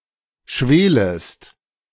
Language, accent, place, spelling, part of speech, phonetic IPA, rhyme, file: German, Germany, Berlin, schwelest, verb, [ˈʃveːləst], -eːləst, De-schwelest.ogg
- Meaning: second-person singular subjunctive I of schwelen